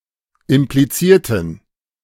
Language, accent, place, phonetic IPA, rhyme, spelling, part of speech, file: German, Germany, Berlin, [ɪmpliˈt͡siːɐ̯tn̩], -iːɐ̯tn̩, implizierten, adjective / verb, De-implizierten.ogg
- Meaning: inflection of implizieren: 1. first/third-person plural preterite 2. first/third-person plural subjunctive II